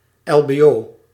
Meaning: initialism of lager beroepsonderwijs (“lower vocational education/training”)
- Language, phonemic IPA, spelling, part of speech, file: Dutch, /ˌɛlbeˈjo/, lbo, noun, Nl-lbo.ogg